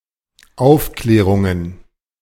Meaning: plural of Aufklärung
- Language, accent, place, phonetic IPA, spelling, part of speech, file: German, Germany, Berlin, [ˈaʊ̯fˌklɛːʁʊŋən], Aufklärungen, noun, De-Aufklärungen.ogg